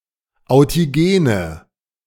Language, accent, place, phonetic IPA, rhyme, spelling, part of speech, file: German, Germany, Berlin, [aʊ̯tiˈɡeːnə], -eːnə, authigene, adjective, De-authigene.ogg
- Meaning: inflection of authigen: 1. strong/mixed nominative/accusative feminine singular 2. strong nominative/accusative plural 3. weak nominative all-gender singular